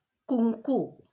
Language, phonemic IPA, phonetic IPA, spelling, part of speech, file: Marathi, /kuŋ.ku/, [kuŋ.kuː], कुंकू, noun, LL-Q1571 (mar)-कुंकू.wav
- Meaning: kumkum (red powder traditionally worn on the forehead by married Hindu women whose husbands are living, but now worn by any woman)